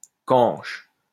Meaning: 1. hair grass (of family Poaceae) 2. dump
- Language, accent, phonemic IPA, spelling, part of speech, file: French, France, /kɑ̃ʃ/, canche, noun, LL-Q150 (fra)-canche.wav